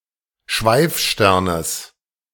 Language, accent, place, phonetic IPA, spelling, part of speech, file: German, Germany, Berlin, [ˈʃvaɪ̯fˌʃtɛʁnəs], Schweifsternes, noun, De-Schweifsternes.ogg
- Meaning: genitive singular of Schweifstern